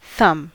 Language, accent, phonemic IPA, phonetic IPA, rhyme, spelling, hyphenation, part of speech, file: English, US, /ˈθʌm/, [ˈθʌ̈m], -ʌm, thumb, thumb, noun / verb, En-us-thumb.ogg
- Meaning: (noun) The shortest and thickest digit of the hand that for humans has the most mobility and can be made to oppose (moved to touch) all of the other fingers